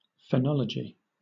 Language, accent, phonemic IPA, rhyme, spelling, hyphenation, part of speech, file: English, Southern England, /fəˈnɒləd͡ʒi/, -ɒlədʒi, phonology, pho‧no‧lo‧gy, noun, LL-Q1860 (eng)-phonology.wav